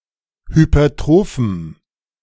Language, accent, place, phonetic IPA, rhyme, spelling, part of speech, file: German, Germany, Berlin, [hypɐˈtʁoːfm̩], -oːfm̩, hypertrophem, adjective, De-hypertrophem.ogg
- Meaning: strong dative masculine/neuter singular of hypertroph